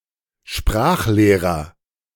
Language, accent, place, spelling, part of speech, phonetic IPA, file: German, Germany, Berlin, Sprachlehrer, noun, [ˈʃpʁaːxˌleːʁɐ], De-Sprachlehrer.ogg
- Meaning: language teacher (teacher of languages) (male or of unspecified gender)